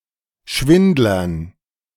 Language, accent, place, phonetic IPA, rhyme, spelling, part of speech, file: German, Germany, Berlin, [ˈʃvɪndlɐn], -ɪndlɐn, Schwindlern, noun, De-Schwindlern.ogg
- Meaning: dative plural of Schwindler